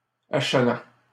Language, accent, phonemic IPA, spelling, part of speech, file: French, Canada, /a.ʃa.lɑ̃/, achalant, verb, LL-Q150 (fra)-achalant.wav
- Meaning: present participle of achaler